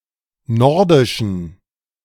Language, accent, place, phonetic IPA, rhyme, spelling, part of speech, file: German, Germany, Berlin, [ˈnɔʁdɪʃn̩], -ɔʁdɪʃn̩, nordischen, adjective, De-nordischen.ogg
- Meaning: inflection of nordisch: 1. strong genitive masculine/neuter singular 2. weak/mixed genitive/dative all-gender singular 3. strong/weak/mixed accusative masculine singular 4. strong dative plural